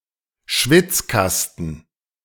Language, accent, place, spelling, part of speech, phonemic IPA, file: German, Germany, Berlin, Schwitzkasten, noun, /ˈʃvɪtsˌkastən/, De-Schwitzkasten.ogg
- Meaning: headlock